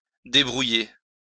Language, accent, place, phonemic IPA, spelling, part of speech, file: French, France, Lyon, /de.bʁu.je/, débrouiller, verb, LL-Q150 (fra)-débrouiller.wav
- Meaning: 1. to disentangle (threads) 2. to get by, to manage; to bootstrap